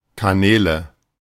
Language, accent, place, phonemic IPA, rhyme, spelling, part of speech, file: German, Germany, Berlin, /kaˈnɛːlə/, -ɛːlə, Kanäle, noun, De-Kanäle.ogg
- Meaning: nominative/accusative/genitive plural of Kanal